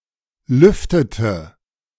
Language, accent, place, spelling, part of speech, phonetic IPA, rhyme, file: German, Germany, Berlin, lüftete, verb, [ˈlʏftətə], -ʏftətə, De-lüftete.ogg
- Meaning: inflection of lüften: 1. first/third-person singular preterite 2. first/third-person singular subjunctive II